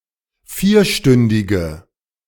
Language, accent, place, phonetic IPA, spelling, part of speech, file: German, Germany, Berlin, [ˈfiːɐ̯ˌʃtʏndɪɡə], vierstündige, adjective, De-vierstündige.ogg
- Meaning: inflection of vierstündig: 1. strong/mixed nominative/accusative feminine singular 2. strong nominative/accusative plural 3. weak nominative all-gender singular